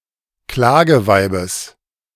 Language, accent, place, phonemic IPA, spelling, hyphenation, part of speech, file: German, Germany, Berlin, /ˈklaːɡəˌvaɪ̯bəs/, Klageweibes, Kla‧ge‧wei‧bes, noun, De-Klageweibes.ogg
- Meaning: genitive singular of Klageweib